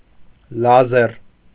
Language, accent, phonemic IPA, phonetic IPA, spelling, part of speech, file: Armenian, Eastern Armenian, /lɑˈzeɾ/, [lɑzéɾ], լազեր, noun, Hy-լազեր.ogg
- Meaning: laser